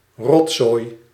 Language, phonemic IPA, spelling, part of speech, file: Dutch, /ˈrɔt.zoːi̯/, rotzooi, noun, Nl-rotzooi.ogg
- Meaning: 1. mess 2. rubbish, garbage